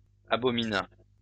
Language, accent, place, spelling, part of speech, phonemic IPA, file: French, France, Lyon, abomina, verb, /a.bɔ.mi.na/, LL-Q150 (fra)-abomina.wav
- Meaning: third-person singular past historic of abominer